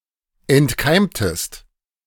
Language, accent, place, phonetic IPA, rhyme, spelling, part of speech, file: German, Germany, Berlin, [ɛntˈkaɪ̯mtəst], -aɪ̯mtəst, entkeimtest, verb, De-entkeimtest.ogg
- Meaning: inflection of entkeimen: 1. second-person singular preterite 2. second-person singular subjunctive II